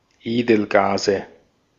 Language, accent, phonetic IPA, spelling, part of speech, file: German, Austria, [ˈeːdl̩ˌɡaːzə], Edelgase, noun, De-at-Edelgase.ogg
- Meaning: nominative/accusative/genitive plural of Edelgas